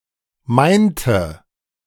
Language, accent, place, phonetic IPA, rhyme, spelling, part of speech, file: German, Germany, Berlin, [ˈmaɪ̯ntə], -aɪ̯ntə, meinte, verb, De-meinte.ogg
- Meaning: inflection of meinen: 1. first/third-person singular preterite 2. first/third-person singular subjunctive II